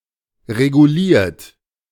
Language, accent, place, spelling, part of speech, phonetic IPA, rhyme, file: German, Germany, Berlin, reguliert, verb, [ʁeɡuˈliːɐ̯t], -iːɐ̯t, De-reguliert.ogg
- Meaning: 1. past participle of regulieren 2. inflection of regulieren: third-person singular present 3. inflection of regulieren: second-person plural present 4. inflection of regulieren: plural imperative